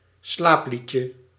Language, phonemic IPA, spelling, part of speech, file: Dutch, /ˈslaplicə/, slaapliedje, noun, Nl-slaapliedje.ogg
- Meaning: diminutive of slaaplied